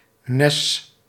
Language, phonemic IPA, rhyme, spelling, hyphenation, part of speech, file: Dutch, /nɛs/, -ɛs, nes, nes, noun, Nl-nes.ogg
- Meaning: headland, spit